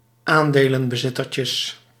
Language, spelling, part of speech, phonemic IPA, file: Dutch, aandelenbezittertjes, noun, /ˈandelə(n)bəˌzɪtərcəs/, Nl-aandelenbezittertjes.ogg
- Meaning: plural of aandelenbezittertje